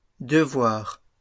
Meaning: 1. plural of devoir 2. homework
- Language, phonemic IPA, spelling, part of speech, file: French, /də.vwaʁ/, devoirs, noun, LL-Q150 (fra)-devoirs.wav